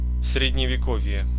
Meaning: the Middle Ages (such as implying outdated customs)
- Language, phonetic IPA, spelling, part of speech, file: Russian, [srʲɪdʲnʲɪvʲɪˈkov⁽ʲ⁾je], средневековье, noun, Ru-средневековье.ogg